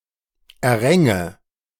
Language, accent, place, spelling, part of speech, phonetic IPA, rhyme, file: German, Germany, Berlin, erränge, verb, [ɛɐ̯ˈʁɛŋə], -ɛŋə, De-erränge.ogg
- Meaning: first/third-person singular subjunctive II of erringen